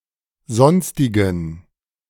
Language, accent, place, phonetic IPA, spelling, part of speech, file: German, Germany, Berlin, [ˈzɔnstɪɡn̩], sonstigen, adjective, De-sonstigen.ogg
- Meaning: inflection of sonstig: 1. strong genitive masculine/neuter singular 2. weak/mixed genitive/dative all-gender singular 3. strong/weak/mixed accusative masculine singular 4. strong dative plural